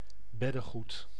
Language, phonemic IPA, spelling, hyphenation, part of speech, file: Dutch, /ˈbɛ.dəˌɣut/, beddegoed, bed‧de‧goed, noun, Nl-beddegoed.ogg
- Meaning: superseded spelling of beddengoed: bedding (sheets, blankets etc.)